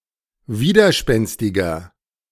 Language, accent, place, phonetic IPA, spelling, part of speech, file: German, Germany, Berlin, [ˈviːdɐˌʃpɛnstɪɡɐ], widerspenstiger, adjective, De-widerspenstiger.ogg
- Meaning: 1. comparative degree of widerspenstig 2. inflection of widerspenstig: strong/mixed nominative masculine singular 3. inflection of widerspenstig: strong genitive/dative feminine singular